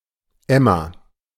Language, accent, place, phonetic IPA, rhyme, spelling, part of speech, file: German, Germany, Berlin, [ˈɛma], -ɛma, Emma, proper noun, De-Emma.ogg
- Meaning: a female given name